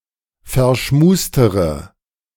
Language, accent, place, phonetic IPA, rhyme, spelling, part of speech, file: German, Germany, Berlin, [fɛɐ̯ˈʃmuːstəʁə], -uːstəʁə, verschmustere, adjective, De-verschmustere.ogg
- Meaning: inflection of verschmust: 1. strong/mixed nominative/accusative feminine singular comparative degree 2. strong nominative/accusative plural comparative degree